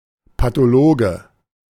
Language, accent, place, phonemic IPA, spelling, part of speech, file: German, Germany, Berlin, /patoˈloːɡə/, Pathologe, noun, De-Pathologe.ogg
- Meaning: pathologist (male or of unspecified gender)